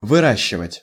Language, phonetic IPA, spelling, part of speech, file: Russian, [vɨˈraɕːɪvətʲ], выращивать, verb, Ru-выращивать.ogg
- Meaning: 1. to grow, to raise, to cultivate 2. to breed, to rear, to raise 3. to bring up 4. to train, to prepare, to form